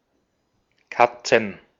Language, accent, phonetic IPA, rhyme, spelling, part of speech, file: German, Austria, [ˈkat͡sn̩], -at͡sn̩, Katzen, noun, De-at-Katzen.ogg
- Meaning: plural of Katze (“cats”)